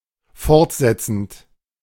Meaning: present participle of fortsetzen
- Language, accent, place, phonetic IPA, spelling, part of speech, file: German, Germany, Berlin, [ˈfɔʁtˌzɛt͡sn̩t], fortsetzend, verb, De-fortsetzend.ogg